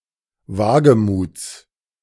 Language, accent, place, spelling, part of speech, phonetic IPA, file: German, Germany, Berlin, Wagemuts, noun, [ˈvaːɡəˌmuːt͡s], De-Wagemuts.ogg
- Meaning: genitive singular of Wagemut